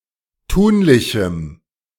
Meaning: strong dative masculine/neuter singular of tunlich
- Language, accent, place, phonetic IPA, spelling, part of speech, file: German, Germany, Berlin, [ˈtuːnlɪçm̩], tunlichem, adjective, De-tunlichem.ogg